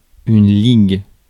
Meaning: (noun) league (alliance, group); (verb) inflection of liguer: 1. first/third-person singular present indicative/subjunctive 2. second-person singular imperative
- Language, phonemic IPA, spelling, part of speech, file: French, /liɡ/, ligue, noun / verb, Fr-ligue.ogg